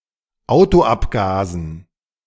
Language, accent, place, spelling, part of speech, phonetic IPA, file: German, Germany, Berlin, Autoabgasen, noun, [ˈaʊ̯toˌʔapɡaːzn̩], De-Autoabgasen.ogg
- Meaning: dative plural of Autoabgas